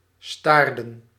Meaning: inflection of staren: 1. plural past indicative 2. plural past subjunctive
- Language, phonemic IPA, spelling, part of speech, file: Dutch, /ˈstardə(n)/, staarden, verb, Nl-staarden.ogg